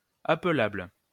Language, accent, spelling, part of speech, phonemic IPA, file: French, France, appelable, adjective, /a.plabl/, LL-Q150 (fra)-appelable.wav
- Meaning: callable